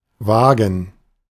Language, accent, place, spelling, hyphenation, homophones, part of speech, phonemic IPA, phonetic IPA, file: German, Germany, Berlin, wagen, wa‧gen, vagen / Waagen / Wagen, verb, /ˈvaːɡən/, [ˈvaːɡŋ̩], De-wagen.ogg
- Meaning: 1. to dare (to do something, despite possible risks) 2. to dare to go, to venture (despite some perceived danger) 3. to risk (one's life, etc.)